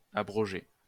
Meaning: past participle of abroger
- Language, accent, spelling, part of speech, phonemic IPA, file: French, France, abrogé, verb, /a.bʁɔ.ʒe/, LL-Q150 (fra)-abrogé.wav